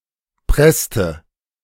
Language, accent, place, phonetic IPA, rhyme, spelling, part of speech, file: German, Germany, Berlin, [ˈpʁɛstə], -ɛstə, presste, verb, De-presste.ogg
- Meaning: inflection of pressen: 1. first/third-person singular preterite 2. first/third-person singular subjunctive II